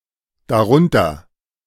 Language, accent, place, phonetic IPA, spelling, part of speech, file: German, Germany, Berlin, [daˈʁʊntɐ], darunter, adverb, De-darunter.ogg
- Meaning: 1. below it, below that, thereunder 2. among these, including (indicates membership in a mentioned set)